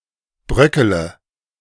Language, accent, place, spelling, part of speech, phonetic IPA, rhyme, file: German, Germany, Berlin, bröckele, verb, [ˈbʁœkələ], -œkələ, De-bröckele.ogg
- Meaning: inflection of bröckeln: 1. first-person singular present 2. singular imperative 3. first/third-person singular subjunctive I